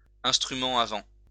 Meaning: wind instrument
- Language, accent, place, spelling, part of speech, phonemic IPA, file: French, France, Lyon, instrument à vent, noun, /ɛ̃s.tʁy.mɑ̃ a vɑ̃/, LL-Q150 (fra)-instrument à vent.wav